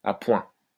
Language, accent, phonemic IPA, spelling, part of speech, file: French, France, /a pwɛ̃/, à point, adjective, LL-Q150 (fra)-à point.wav
- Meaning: 1. at the right moment, at the right time, on time 2. medium rare (food) 3. softened up (of a suspect)